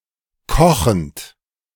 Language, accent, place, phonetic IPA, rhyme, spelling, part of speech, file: German, Germany, Berlin, [ˈkɔxn̩t], -ɔxn̩t, kochend, verb, De-kochend.ogg
- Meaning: present participle of kochen